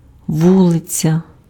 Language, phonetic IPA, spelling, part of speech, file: Ukrainian, [ˈwuɫet͡sʲɐ], вулиця, noun, Uk-вулиця.ogg
- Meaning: street